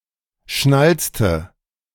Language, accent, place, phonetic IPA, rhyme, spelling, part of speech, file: German, Germany, Berlin, [ˈʃnalt͡stə], -alt͡stə, schnalzte, verb, De-schnalzte.ogg
- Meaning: inflection of schnalzen: 1. first/third-person singular preterite 2. first/third-person singular subjunctive II